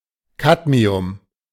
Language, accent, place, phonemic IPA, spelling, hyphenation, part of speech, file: German, Germany, Berlin, /ˈkatmiʊm/, Cadmium, Cad‧mi‧um, noun, De-Cadmium.ogg
- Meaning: cadmium